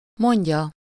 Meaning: 1. third-person singular indicative present definite of mond 2. third-person singular subjunctive present definite of mond
- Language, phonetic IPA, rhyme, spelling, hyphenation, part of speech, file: Hungarian, [ˈmoɲɟɒ], -ɟɒ, mondja, mond‧ja, verb, Hu-mondja.ogg